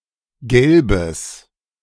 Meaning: strong/mixed nominative/accusative neuter singular of gelb
- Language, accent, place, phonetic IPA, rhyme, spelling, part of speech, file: German, Germany, Berlin, [ˈɡɛlbəs], -ɛlbəs, gelbes, adjective, De-gelbes.ogg